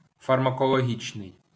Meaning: pharmacological
- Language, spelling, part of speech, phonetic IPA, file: Ukrainian, фармакологічний, adjective, [fɐrmɐkɔɫoˈɦʲit͡ʃnei̯], LL-Q8798 (ukr)-фармакологічний.wav